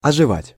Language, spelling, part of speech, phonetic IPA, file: Russian, оживать, verb, [ɐʐɨˈvatʲ], Ru-оживать.ogg
- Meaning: 1. to return to life, to revive 2. to perk up, to come alive